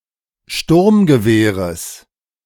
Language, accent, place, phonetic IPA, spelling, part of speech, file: German, Germany, Berlin, [ˈʃtʊʁmɡəˌveːʁəs], Sturmgewehres, noun, De-Sturmgewehres.ogg
- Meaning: genitive singular of Sturmgewehr